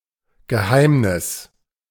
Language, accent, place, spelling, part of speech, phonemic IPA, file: German, Germany, Berlin, Geheimnis, noun, /ɡəˈhaɪmnɪs/, De-Geheimnis.ogg
- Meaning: 1. secret 2. mystery